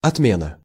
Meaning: 1. cancellation (act of cancelling) 2. abolishment
- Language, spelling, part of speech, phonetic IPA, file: Russian, отмена, noun, [ɐtˈmʲenə], Ru-отмена.ogg